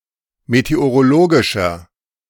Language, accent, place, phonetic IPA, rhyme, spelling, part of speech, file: German, Germany, Berlin, [meteoʁoˈloːɡɪʃɐ], -oːɡɪʃɐ, meteorologischer, adjective, De-meteorologischer.ogg
- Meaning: inflection of meteorologisch: 1. strong/mixed nominative masculine singular 2. strong genitive/dative feminine singular 3. strong genitive plural